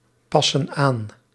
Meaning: inflection of aanpassen: 1. plural present indicative 2. plural present subjunctive
- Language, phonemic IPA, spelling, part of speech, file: Dutch, /ˈpɑsə(n) ˈan/, passen aan, verb, Nl-passen aan.ogg